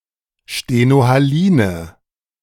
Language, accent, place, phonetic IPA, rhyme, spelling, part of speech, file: German, Germany, Berlin, [ʃtenohaˈliːnə], -iːnə, stenohaline, adjective, De-stenohaline.ogg
- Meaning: inflection of stenohalin: 1. strong/mixed nominative/accusative feminine singular 2. strong nominative/accusative plural 3. weak nominative all-gender singular